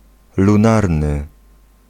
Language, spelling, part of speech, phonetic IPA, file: Polish, lunarny, adjective, [lũˈnarnɨ], Pl-lunarny.ogg